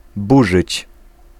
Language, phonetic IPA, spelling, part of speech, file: Polish, [ˈbuʒɨt͡ɕ], burzyć, verb, Pl-burzyć.ogg